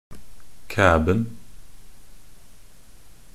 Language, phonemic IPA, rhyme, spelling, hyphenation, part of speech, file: Norwegian Bokmål, /ˈkæːbn̩/, -æːbn̩, kæben, kæ‧ben, noun, Nb-kæben.ogg
- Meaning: definite singular of kæbe